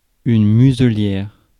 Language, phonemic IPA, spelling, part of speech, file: French, /my.zə.ljɛʁ/, muselière, noun, Fr-muselière.ogg
- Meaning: muzzle (device used to prevent animal from biting or eating)